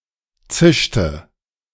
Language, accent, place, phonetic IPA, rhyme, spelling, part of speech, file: German, Germany, Berlin, [ˈt͡sɪʃtə], -ɪʃtə, zischte, verb, De-zischte.ogg
- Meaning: inflection of zischen: 1. first/third-person singular preterite 2. first/third-person singular subjunctive II